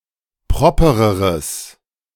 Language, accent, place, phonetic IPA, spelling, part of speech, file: German, Germany, Berlin, [ˈpʁɔpəʁəʁəs], propereres, adjective, De-propereres.ogg
- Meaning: strong/mixed nominative/accusative neuter singular comparative degree of proper